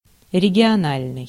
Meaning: regional (relating to a specific region)
- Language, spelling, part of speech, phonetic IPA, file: Russian, региональный, adjective, [rʲɪɡʲɪɐˈnalʲnɨj], Ru-региональный.ogg